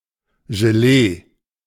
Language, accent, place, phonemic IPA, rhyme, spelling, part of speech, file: German, Germany, Berlin, /ʒeˈleː/, -eː, Gelee, noun, De-Gelee.ogg
- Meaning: jelly (food based on boiled gelatin)